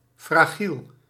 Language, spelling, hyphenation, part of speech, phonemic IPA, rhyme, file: Dutch, fragiel, fra‧giel, adjective, /fraːˈɣil/, -il, Nl-fragiel.ogg
- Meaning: fragile (easily damaged)